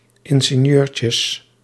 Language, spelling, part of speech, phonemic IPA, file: Dutch, ingenieurtjes, noun, /ˌɪŋɣeˈɲørcəs/, Nl-ingenieurtjes.ogg
- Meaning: plural of ingenieurtje